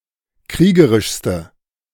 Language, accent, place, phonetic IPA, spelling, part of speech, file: German, Germany, Berlin, [ˈkʁiːɡəʁɪʃstə], kriegerischste, adjective, De-kriegerischste.ogg
- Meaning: inflection of kriegerisch: 1. strong/mixed nominative/accusative feminine singular superlative degree 2. strong nominative/accusative plural superlative degree